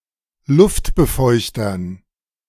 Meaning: dative plural of Luftbefeuchter
- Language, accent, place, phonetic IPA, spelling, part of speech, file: German, Germany, Berlin, [ˈlʊftbəˌfɔɪ̯çtɐn], Luftbefeuchtern, noun, De-Luftbefeuchtern.ogg